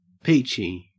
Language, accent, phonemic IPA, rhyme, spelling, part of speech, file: English, Australia, /ˈpiːt͡ʃi/, -iːtʃi, peachy, adjective, En-au-peachy.ogg
- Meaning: 1. Resembling a peach, peach-like 2. Very good, excellent, typically used sarcastically to indicate a state of misery, resentment or great frustration